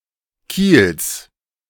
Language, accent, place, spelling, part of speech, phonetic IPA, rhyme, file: German, Germany, Berlin, Kiels, noun, [kiːls], -iːls, De-Kiels.ogg
- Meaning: genitive singular of Kiel